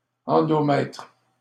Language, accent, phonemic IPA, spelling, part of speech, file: French, Canada, /ɑ̃.dɔ.mɛtʁ/, endomètre, noun, LL-Q150 (fra)-endomètre.wav
- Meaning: endometrium